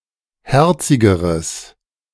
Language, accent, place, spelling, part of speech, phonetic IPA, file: German, Germany, Berlin, herzigeres, adjective, [ˈhɛʁt͡sɪɡəʁəs], De-herzigeres.ogg
- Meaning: strong/mixed nominative/accusative neuter singular comparative degree of herzig